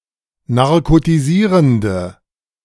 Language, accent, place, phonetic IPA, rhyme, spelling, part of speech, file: German, Germany, Berlin, [naʁkotiˈziːʁəndə], -iːʁəndə, narkotisierende, adjective, De-narkotisierende.ogg
- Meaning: inflection of narkotisierend: 1. strong/mixed nominative/accusative feminine singular 2. strong nominative/accusative plural 3. weak nominative all-gender singular